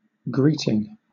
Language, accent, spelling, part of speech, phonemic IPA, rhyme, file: English, Southern England, greeting, noun / verb, /ˈɡɹiːtɪŋ/, -iːtɪŋ, LL-Q1860 (eng)-greeting.wav
- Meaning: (noun) 1. A conventional phrase used to start a letter or conversation or otherwise to acknowledge a person's arrival or presence 2. The action of the verb to greet